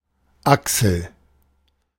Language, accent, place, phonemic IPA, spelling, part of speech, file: German, Germany, Berlin, /ˈaksəl/, Achsel, noun, De-Achsel.ogg
- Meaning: 1. armpit, axilla (cavity under the shoulder) 2. shoulder; shoulder joint (see usage notes below)